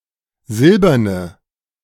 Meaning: inflection of silbern: 1. strong/mixed nominative/accusative feminine singular 2. strong nominative/accusative plural 3. weak nominative all-gender singular 4. weak accusative feminine/neuter singular
- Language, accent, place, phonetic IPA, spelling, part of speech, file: German, Germany, Berlin, [ˈzɪlbɐnə], silberne, adjective, De-silberne.ogg